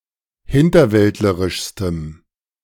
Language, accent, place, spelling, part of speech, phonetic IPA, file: German, Germany, Berlin, hinterwäldlerischstem, adjective, [ˈhɪntɐˌvɛltləʁɪʃstəm], De-hinterwäldlerischstem.ogg
- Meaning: strong dative masculine/neuter singular superlative degree of hinterwäldlerisch